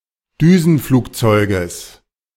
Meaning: genitive singular of Düsenflugzeug
- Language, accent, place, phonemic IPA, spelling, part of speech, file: German, Germany, Berlin, /ˈdyːzn̩ˌfluːkˌtsɔɪ̯ɡəs/, Düsenflugzeuges, noun, De-Düsenflugzeuges.ogg